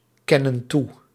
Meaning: inflection of toekennen: 1. plural present indicative 2. plural present subjunctive
- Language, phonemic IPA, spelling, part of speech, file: Dutch, /ˈkɛnə(n) ˈtu/, kennen toe, verb, Nl-kennen toe.ogg